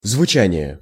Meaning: sound, sounding; phonation
- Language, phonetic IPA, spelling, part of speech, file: Russian, [zvʊˈt͡ɕænʲɪje], звучание, noun, Ru-звучание.ogg